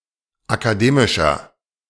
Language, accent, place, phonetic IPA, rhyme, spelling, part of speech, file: German, Germany, Berlin, [akaˈdeːmɪʃɐ], -eːmɪʃɐ, akademischer, adjective, De-akademischer.ogg
- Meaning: 1. comparative degree of akademisch 2. inflection of akademisch: strong/mixed nominative masculine singular 3. inflection of akademisch: strong genitive/dative feminine singular